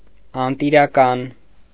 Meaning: synonym of անտեր (anter)
- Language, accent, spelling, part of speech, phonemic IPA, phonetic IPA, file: Armenian, Eastern Armenian, անտիրական, adjective, /ɑntiɾɑˈkɑn/, [ɑntiɾɑkɑ́n], Hy-անտիրական.ogg